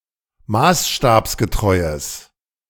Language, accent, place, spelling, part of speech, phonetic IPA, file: German, Germany, Berlin, maßstabsgetreues, adjective, [ˈmaːsʃtaːpsɡəˌtʁɔɪ̯əs], De-maßstabsgetreues.ogg
- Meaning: strong/mixed nominative/accusative neuter singular of maßstabsgetreu